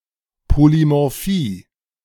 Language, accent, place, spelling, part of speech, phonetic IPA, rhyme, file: German, Germany, Berlin, Polymorphie, noun, [polimɔʁˈfiː], -iː, De-Polymorphie.ogg
- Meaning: polymorphism